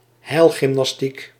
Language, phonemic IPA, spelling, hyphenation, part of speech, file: Dutch, /ˈɦɛi̯l.ɣɪm.nɑsˌtik/, heilgymnastiek, heil‧gym‧nas‧tiek, noun, Nl-heilgymnastiek.ogg
- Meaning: remedial gymnastics